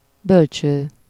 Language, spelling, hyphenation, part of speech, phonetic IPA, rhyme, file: Hungarian, bölcső, böl‧cső, noun, [ˈbølt͡ʃøː], -t͡ʃøː, Hu-bölcső.ogg
- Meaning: cradle (oscillating bed for a baby)